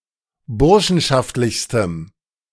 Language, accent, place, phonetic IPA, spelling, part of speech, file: German, Germany, Berlin, [ˈbʊʁʃn̩ʃaftlɪçstəm], burschenschaftlichstem, adjective, De-burschenschaftlichstem.ogg
- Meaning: strong dative masculine/neuter singular superlative degree of burschenschaftlich